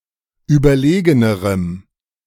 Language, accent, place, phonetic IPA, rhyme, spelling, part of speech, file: German, Germany, Berlin, [ˌyːbɐˈleːɡənəʁəm], -eːɡənəʁəm, überlegenerem, adjective, De-überlegenerem.ogg
- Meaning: strong dative masculine/neuter singular comparative degree of überlegen